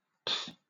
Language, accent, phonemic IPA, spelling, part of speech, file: English, Southern England, /p͡fː/, pff, interjection, LL-Q1860 (eng)-pff.wav
- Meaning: 1. An expression of annoyance or disappointment 2. A dismissive response to a ridiculous comment 3. The sound made whilst blowing a raspberry 4. The sound of stifled laughter